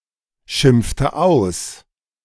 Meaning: inflection of ausschimpfen: 1. first/third-person singular preterite 2. first/third-person singular subjunctive II
- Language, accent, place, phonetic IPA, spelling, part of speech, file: German, Germany, Berlin, [ˌʃɪmp͡ftə ˈaʊ̯s], schimpfte aus, verb, De-schimpfte aus.ogg